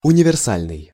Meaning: universal (useful for many purposes)
- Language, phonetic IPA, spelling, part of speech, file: Russian, [ʊnʲɪvʲɪrˈsalʲnɨj], универсальный, adjective, Ru-универсальный.ogg